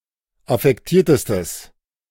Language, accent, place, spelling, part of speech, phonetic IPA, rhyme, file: German, Germany, Berlin, affektiertestes, adjective, [afɛkˈtiːɐ̯təstəs], -iːɐ̯təstəs, De-affektiertestes.ogg
- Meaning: strong/mixed nominative/accusative neuter singular superlative degree of affektiert